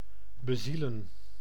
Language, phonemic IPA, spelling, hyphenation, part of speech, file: Dutch, /bəˈzilə(n)/, bezielen, be‧zie‧len, verb, Nl-bezielen.ogg
- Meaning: 1. to give a soul to, to animate 2. to inspire